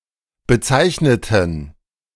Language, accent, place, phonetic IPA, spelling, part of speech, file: German, Germany, Berlin, [bəˈt͡saɪ̯çnətn̩], bezeichneten, adjective / verb, De-bezeichneten.ogg
- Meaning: inflection of bezeichnen: 1. first/third-person plural preterite 2. first/third-person plural subjunctive II